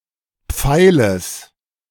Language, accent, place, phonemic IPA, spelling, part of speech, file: German, Germany, Berlin, /ˈpfaɪ̯ləs/, Pfeiles, noun, De-Pfeiles.ogg
- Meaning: genitive singular of Pfeil